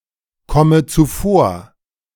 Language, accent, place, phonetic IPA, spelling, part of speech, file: German, Germany, Berlin, [ˌkɔmə t͡suˈfoːɐ̯], komme zuvor, verb, De-komme zuvor.ogg
- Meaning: inflection of zuvorkommen: 1. first-person singular present 2. first/third-person singular subjunctive I 3. singular imperative